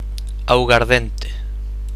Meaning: aguardiente, a brandy or distillate obtained from grape pomace
- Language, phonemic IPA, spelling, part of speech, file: Galician, /awɣaɾˈðɛnte̝/, augardente, noun, Gl-augardente.ogg